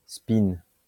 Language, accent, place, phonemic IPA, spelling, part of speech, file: French, France, Lyon, /spin/, spin, noun, LL-Q150 (fra)-spin.wav
- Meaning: spin